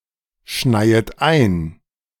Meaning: second-person plural subjunctive I of einschneien
- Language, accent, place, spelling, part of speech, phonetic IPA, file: German, Germany, Berlin, schneiet ein, verb, [ˌʃnaɪ̯ət ˈaɪ̯n], De-schneiet ein.ogg